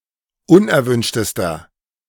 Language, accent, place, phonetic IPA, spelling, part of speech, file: German, Germany, Berlin, [ˈʊnʔɛɐ̯ˌvʏnʃtəstɐ], unerwünschtester, adjective, De-unerwünschtester.ogg
- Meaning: inflection of unerwünscht: 1. strong/mixed nominative masculine singular superlative degree 2. strong genitive/dative feminine singular superlative degree 3. strong genitive plural superlative degree